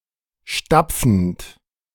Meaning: present participle of stapfen
- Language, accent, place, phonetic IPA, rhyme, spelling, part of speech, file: German, Germany, Berlin, [ˈʃtap͡fn̩t], -ap͡fn̩t, stapfend, verb, De-stapfend.ogg